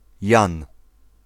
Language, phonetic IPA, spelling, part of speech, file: Polish, [jãn], Jan, proper noun, Pl-Jan.ogg